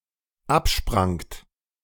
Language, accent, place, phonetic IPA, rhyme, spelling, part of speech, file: German, Germany, Berlin, [ˈapˌʃpʁaŋt], -apʃpʁaŋt, absprangt, verb, De-absprangt.ogg
- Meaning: second-person plural dependent preterite of abspringen